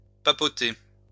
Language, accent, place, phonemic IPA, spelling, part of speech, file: French, France, Lyon, /pa.po.te/, papauté, noun, LL-Q150 (fra)-papauté.wav
- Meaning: papacy